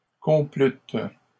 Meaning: second-person plural past historic of complaire
- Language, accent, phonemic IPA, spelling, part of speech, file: French, Canada, /kɔ̃.plyt/, complûtes, verb, LL-Q150 (fra)-complûtes.wav